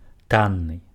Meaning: 1. cheap, inexpensive 2. valueless, worthless
- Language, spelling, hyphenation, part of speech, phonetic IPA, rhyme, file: Belarusian, танны, тан‧ны, adjective, [ˈtanːɨ], -anːɨ, Be-танны.ogg